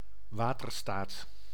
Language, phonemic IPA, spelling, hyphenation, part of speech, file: Dutch, /ˈʋaː.tərˌstaːt/, waterstaat, wa‧ter‧staat, noun, Nl-waterstaat.ogg
- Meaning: 1. water management 2. a government agency or department responsible for the maintenance of infrastructure, initially specifically for water infrastructure